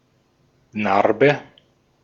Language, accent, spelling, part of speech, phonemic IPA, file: German, Austria, Narbe, noun, /ˈnarbə/, De-at-Narbe.ogg
- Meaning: 1. scar 2. stigma 3. sod, turf, sward (the upper part/the surface of a lawn)